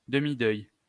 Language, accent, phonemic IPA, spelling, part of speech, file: French, France, /də.mi.dœj/, demi-deuil, noun, LL-Q150 (fra)-demi-deuil.wav
- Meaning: 1. half-mourning 2. marbled white, Melanargia galathea